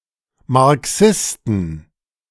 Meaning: inflection of Marxist: 1. genitive/dative/accusative singular 2. nominative/genitive/dative/accusative plural
- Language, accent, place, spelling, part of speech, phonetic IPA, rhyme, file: German, Germany, Berlin, Marxisten, noun, [maʁˈksɪstn̩], -ɪstn̩, De-Marxisten.ogg